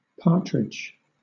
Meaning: 1. Any bird of a number of genera in the family Phasianidae, notably in the genera Perdix and Alectoris 2. The flesh or meat of this bird eaten as food
- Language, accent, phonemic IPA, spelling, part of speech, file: English, Southern England, /ˈpɑːtɹɪd͡ʒ/, partridge, noun, LL-Q1860 (eng)-partridge.wav